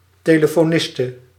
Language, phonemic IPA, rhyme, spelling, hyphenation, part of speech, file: Dutch, /ˌteː.lə.foːˈnɪs.tə/, -ɪstə, telefoniste, te‧le‧fo‧nis‧te, noun, Nl-telefoniste.ogg
- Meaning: a female telephone operator, a female telephonist